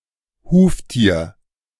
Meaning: hoofed animal
- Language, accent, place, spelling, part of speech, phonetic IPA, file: German, Germany, Berlin, Huftier, noun, [ˈhuːftiːɐ̯], De-Huftier.ogg